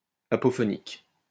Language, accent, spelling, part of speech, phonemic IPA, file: French, France, apophonique, adjective, /a.pɔ.fɔ.nik/, LL-Q150 (fra)-apophonique.wav
- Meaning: apophonic